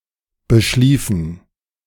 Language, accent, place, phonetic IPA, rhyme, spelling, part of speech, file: German, Germany, Berlin, [bəˈʃliːfn̩], -iːfn̩, beschliefen, verb, De-beschliefen.ogg
- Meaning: inflection of beschlafen: 1. first/third-person plural preterite 2. first/third-person plural subjunctive II